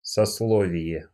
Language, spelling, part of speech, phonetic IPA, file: Russian, сословие, noun, [sɐsˈɫovʲɪje], Ru-сословие.ogg
- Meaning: 1. social estate 2. social class, social rank (with strong connotations of cultural caste)